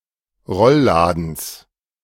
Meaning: genitive singular of Rollladen
- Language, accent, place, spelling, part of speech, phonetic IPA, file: German, Germany, Berlin, Rollladens, noun, [ˈʁɔlˌlaːdn̩s], De-Rollladens.ogg